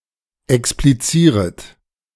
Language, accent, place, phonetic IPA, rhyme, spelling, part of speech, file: German, Germany, Berlin, [ɛkspliˈt͡siːʁət], -iːʁət, explizieret, verb, De-explizieret.ogg
- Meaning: second-person plural subjunctive I of explizieren